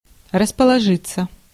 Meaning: 1. to settle oneself, to make oneself comfortable 2. to camp, to set up a camp, to take up a position 3. passive of расположи́ть (raspoložítʹ)
- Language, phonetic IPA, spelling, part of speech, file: Russian, [rəspəɫɐˈʐɨt͡sːə], расположиться, verb, Ru-расположиться.ogg